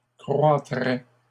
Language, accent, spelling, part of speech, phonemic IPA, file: French, Canada, croîtrait, verb, /kʁwa.tʁɛ/, LL-Q150 (fra)-croîtrait.wav
- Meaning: third-person singular conditional of croître